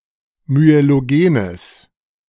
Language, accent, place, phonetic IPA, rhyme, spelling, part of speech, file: German, Germany, Berlin, [myeloˈɡeːnəs], -eːnəs, myelogenes, adjective, De-myelogenes.ogg
- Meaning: strong/mixed nominative/accusative neuter singular of myelogen